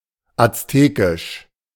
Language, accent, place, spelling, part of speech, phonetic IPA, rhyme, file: German, Germany, Berlin, aztekisch, adjective, [at͡sˈteːkɪʃ], -eːkɪʃ, De-aztekisch.ogg
- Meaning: Aztec